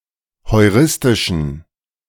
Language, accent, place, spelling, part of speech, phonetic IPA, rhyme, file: German, Germany, Berlin, heuristischen, adjective, [hɔɪ̯ˈʁɪstɪʃn̩], -ɪstɪʃn̩, De-heuristischen.ogg
- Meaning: inflection of heuristisch: 1. strong genitive masculine/neuter singular 2. weak/mixed genitive/dative all-gender singular 3. strong/weak/mixed accusative masculine singular 4. strong dative plural